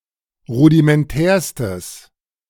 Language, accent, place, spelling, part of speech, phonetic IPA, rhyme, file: German, Germany, Berlin, rudimentärstes, adjective, [ˌʁudimɛnˈtɛːɐ̯stəs], -ɛːɐ̯stəs, De-rudimentärstes.ogg
- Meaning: strong/mixed nominative/accusative neuter singular superlative degree of rudimentär